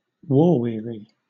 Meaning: 1. Weary or tired of war 2. Tired from fighting in a war
- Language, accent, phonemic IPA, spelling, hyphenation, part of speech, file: English, Southern England, /ˈwɔː ˌwɪəɹi/, war-weary, war-wea‧ry, adjective, LL-Q1860 (eng)-war-weary.wav